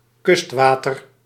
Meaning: coastal water
- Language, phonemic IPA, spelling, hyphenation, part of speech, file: Dutch, /ˈkʏstˌʋaː.tər/, kustwater, kust‧wa‧ter, noun, Nl-kustwater.ogg